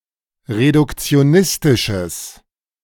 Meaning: strong/mixed nominative/accusative neuter singular of reduktionistisch
- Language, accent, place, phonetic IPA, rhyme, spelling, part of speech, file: German, Germany, Berlin, [ʁedʊkt͡si̯oˈnɪstɪʃəs], -ɪstɪʃəs, reduktionistisches, adjective, De-reduktionistisches.ogg